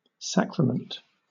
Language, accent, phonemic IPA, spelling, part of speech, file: English, Southern England, /ˈsækɹəmənt/, sacrament, noun / verb, LL-Q1860 (eng)-sacrament.wav
- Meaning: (noun) 1. A sacred act and the attendant ceremony, considered (theology) an outward sign of divine grace, instituted by Jesus Christ 2. The Eucharist